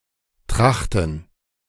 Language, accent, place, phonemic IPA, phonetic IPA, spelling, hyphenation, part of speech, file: German, Germany, Berlin, /ˈtʁaxtən/, [ˈtʰʁaχtn̩], Trachten, Trach‧ten, noun, De-Trachten.ogg
- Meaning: 1. gerund of trachten 2. plural of Tracht